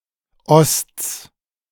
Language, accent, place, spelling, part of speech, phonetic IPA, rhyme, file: German, Germany, Berlin, Osts, noun, [ɔst͡s], -ɔst͡s, De-Osts.ogg
- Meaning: genitive singular of Ost